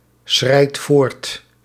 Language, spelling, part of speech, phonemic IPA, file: Dutch, schrijdt voort, verb, /ˈsxrɛit ˈvort/, Nl-schrijdt voort.ogg
- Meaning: inflection of voortschrijden: 1. second/third-person singular present indicative 2. plural imperative